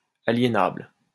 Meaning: alienable
- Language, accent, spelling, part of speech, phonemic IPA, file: French, France, aliénable, adjective, /a.lje.nabl/, LL-Q150 (fra)-aliénable.wav